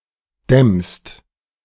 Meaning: second-person singular present of dämmen
- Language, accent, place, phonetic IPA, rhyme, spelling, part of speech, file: German, Germany, Berlin, [dɛmst], -ɛmst, dämmst, verb, De-dämmst.ogg